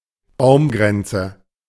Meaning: treeline, timberline
- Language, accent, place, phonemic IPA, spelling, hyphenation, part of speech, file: German, Germany, Berlin, /ˈbaʊ̯mˌɡʁɛnt͡sə/, Baumgrenze, Baum‧gren‧ze, noun, De-Baumgrenze.ogg